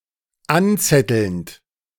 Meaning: present participle of anzetteln
- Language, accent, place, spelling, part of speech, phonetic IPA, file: German, Germany, Berlin, anzettelnd, verb, [ˈanˌt͡sɛtl̩nt], De-anzettelnd.ogg